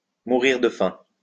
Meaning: 1. to starve 2. to be starving, to be ravenous (to be extremely hungry)
- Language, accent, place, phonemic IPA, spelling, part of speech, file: French, France, Lyon, /mu.ʁiʁ də fɛ̃/, mourir de faim, verb, LL-Q150 (fra)-mourir de faim.wav